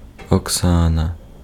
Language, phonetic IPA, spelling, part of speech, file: Ukrainian, [ɔkˈsanɐ], Оксана, proper noun, Uk-Оксана.ogg
- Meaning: a female given name, Oksana and Oxana